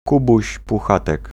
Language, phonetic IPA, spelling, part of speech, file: Polish, [ˈkubuɕ puˈxatɛk], Kubuś Puchatek, noun, Pl-Kubuś Puchatek.ogg